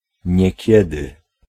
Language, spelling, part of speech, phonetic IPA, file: Polish, niekiedy, adverb, [ɲɛ̇ˈcɛdɨ], Pl-niekiedy.ogg